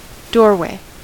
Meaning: 1. The passage of a door; a door-shaped entrance into a house or a room 2. An opening or passage in general
- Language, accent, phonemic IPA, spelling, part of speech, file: English, US, /ˈdɔɹweɪ/, doorway, noun, En-us-doorway.ogg